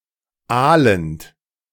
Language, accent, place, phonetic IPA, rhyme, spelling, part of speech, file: German, Germany, Berlin, [ˈaːlənt], -aːlənt, aalend, verb, De-aalend.ogg
- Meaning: present participle of aalen